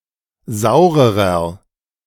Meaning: inflection of sauer: 1. strong/mixed nominative masculine singular comparative degree 2. strong genitive/dative feminine singular comparative degree 3. strong genitive plural comparative degree
- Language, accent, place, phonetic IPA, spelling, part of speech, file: German, Germany, Berlin, [ˈzaʊ̯ʁəʁɐ], saurerer, adjective, De-saurerer.ogg